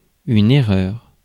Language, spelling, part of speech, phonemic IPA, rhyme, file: French, erreur, noun, /e.ʁœʁ/, -œʁ, Fr-erreur.ogg
- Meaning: error (a faulty process of thought that leads to conclusions out of agreement with reality)